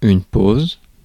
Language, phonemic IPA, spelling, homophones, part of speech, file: French, /poz/, pause, pauses / pose / posent / poses, noun, Fr-pause.ogg
- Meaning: 1. pause, break 2. rest